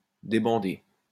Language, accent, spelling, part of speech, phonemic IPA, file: French, France, débander, verb, /de.bɑ̃.de/, LL-Q150 (fra)-débander.wav
- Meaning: 1. to unfasten a bandage 2. to remove a blindfold 3. to loosen, relax (a bow) 4. to lose a hard-on, to lose a boner, to lose an erection, go soft